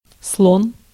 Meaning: 1. elephant 2. bishop 3. one who walks loudly or heavily; stomper
- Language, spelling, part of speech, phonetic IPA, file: Russian, слон, noun, [sɫon], Ru-слон.ogg